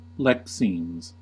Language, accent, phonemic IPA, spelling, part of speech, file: English, US, /ˈlɛksiːmz/, lexemes, noun, En-us-lexemes.ogg
- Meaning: plural of lexeme